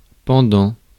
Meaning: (verb) present participle of pendre; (adjective) hanging; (preposition) during, throughout, for the duration of; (noun) 1. stone that dangles on earrings 2. match, counterpart
- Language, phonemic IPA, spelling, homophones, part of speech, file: French, /pɑ̃.dɑ̃/, pendant, pendants, verb / adjective / preposition / noun, Fr-pendant.ogg